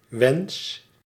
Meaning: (noun) wish; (verb) inflection of wensen: 1. first-person singular present indicative 2. second-person singular present indicative 3. imperative
- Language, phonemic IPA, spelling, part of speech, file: Dutch, /ʋεns/, wens, noun / verb, Nl-wens.ogg